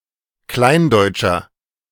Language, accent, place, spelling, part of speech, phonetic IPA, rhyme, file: German, Germany, Berlin, kleindeutscher, adjective, [ˈklaɪ̯nˌdɔɪ̯t͡ʃɐ], -aɪ̯ndɔɪ̯t͡ʃɐ, De-kleindeutscher.ogg
- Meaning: inflection of kleindeutsch: 1. strong/mixed nominative masculine singular 2. strong genitive/dative feminine singular 3. strong genitive plural